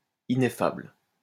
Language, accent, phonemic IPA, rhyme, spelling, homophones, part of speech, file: French, France, /i.ne.fabl/, -abl, ineffable, ineffables, adjective, LL-Q150 (fra)-ineffable.wav
- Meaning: ineffable (unable to be expressed in words)